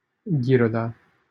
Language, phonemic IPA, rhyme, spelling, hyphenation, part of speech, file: Romanian, /ɡiˈro.da/, -oda, Ghiroda, Ghi‧ro‧da, proper noun, LL-Q7913 (ron)-Ghiroda.wav
- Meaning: 1. a commune of Timiș County, Romania 2. a village in Ghiroda, Timiș County, Romania